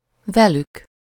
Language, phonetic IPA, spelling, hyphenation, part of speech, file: Hungarian, [ˈvɛlyk], velük, ve‧lük, pronoun, Hu-velük.ogg
- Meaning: third-person plural of vele